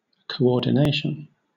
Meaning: 1. The act of coordinating, making different people or things work together for a goal or effect 2. The resulting state of working together; cooperation; synchronization
- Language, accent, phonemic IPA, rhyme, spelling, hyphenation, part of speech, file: English, Southern England, /kəʊˌɔːdɪˈneɪʃən/, -eɪʃən, coordination, co‧or‧di‧na‧tion, noun, LL-Q1860 (eng)-coordination.wav